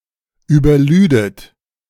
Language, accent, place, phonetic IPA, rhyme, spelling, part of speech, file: German, Germany, Berlin, [yːbɐˈlyːdət], -yːdət, überlüdet, verb, De-überlüdet.ogg
- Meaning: second-person plural subjunctive II of überladen